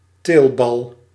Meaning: testicle
- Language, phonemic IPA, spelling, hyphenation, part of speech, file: Dutch, /ˈteːl.bɑl/, teelbal, teel‧bal, noun, Nl-teelbal.ogg